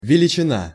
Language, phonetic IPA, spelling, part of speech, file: Russian, [vʲɪlʲɪt͡ɕɪˈna], величина, noun, Ru-величина.ogg
- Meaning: 1. size, magnitude (dimensions or magnitude of a thing) 2. quantity, amount 3. value 4. celebrity, coryphaeus, luminary 5. quantity